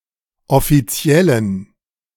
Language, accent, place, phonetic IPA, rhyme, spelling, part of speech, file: German, Germany, Berlin, [ɔfiˈt͡si̯ɛlən], -ɛlən, offiziellen, adjective, De-offiziellen.ogg
- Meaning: inflection of offiziell: 1. strong genitive masculine/neuter singular 2. weak/mixed genitive/dative all-gender singular 3. strong/weak/mixed accusative masculine singular 4. strong dative plural